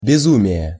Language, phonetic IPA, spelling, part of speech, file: Russian, [bʲɪˈzumʲɪje], безумие, noun, Ru-безумие.ogg
- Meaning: 1. insanity, madness (state of being insane) 2. folly